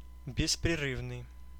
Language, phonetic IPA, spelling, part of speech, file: Russian, [bʲɪsprʲɪˈrɨvnɨj], беспрерывный, adjective, Ru-беспрерывный.ogg
- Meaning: continuous, uninterrupted